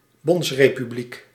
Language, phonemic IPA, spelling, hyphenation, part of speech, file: Dutch, /ˈbɔnts.reː.pyˌblik/, bondsrepubliek, bonds‧re‧pu‧bliek, noun, Nl-bondsrepubliek.ogg
- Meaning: federal republic